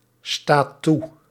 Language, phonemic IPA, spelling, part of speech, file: Dutch, /ˈstat ˈtu/, staat toe, verb, Nl-staat toe.ogg
- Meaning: inflection of toestaan: 1. second/third-person singular present indicative 2. plural imperative